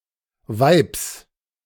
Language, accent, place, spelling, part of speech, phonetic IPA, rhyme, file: German, Germany, Berlin, Weibs, noun, [vaɪ̯ps], -aɪ̯ps, De-Weibs.ogg
- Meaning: genitive singular of Weib